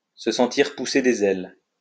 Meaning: to feel exhilarated; to feel like one is on top of the world; to feel ten feet tall
- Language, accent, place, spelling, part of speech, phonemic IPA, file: French, France, Lyon, se sentir pousser des ailes, verb, /sə sɑ̃.tiʁ pu.se de.z‿ɛl/, LL-Q150 (fra)-se sentir pousser des ailes.wav